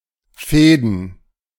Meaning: plural of Faden
- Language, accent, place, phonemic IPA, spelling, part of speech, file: German, Germany, Berlin, /ˈfɛːdn̩/, Fäden, noun, De-Fäden.ogg